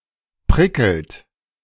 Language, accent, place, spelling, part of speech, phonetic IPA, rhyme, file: German, Germany, Berlin, prickelt, verb, [ˈpʁɪkl̩t], -ɪkl̩t, De-prickelt.ogg
- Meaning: inflection of prickeln: 1. second-person plural present 2. third-person singular present 3. plural imperative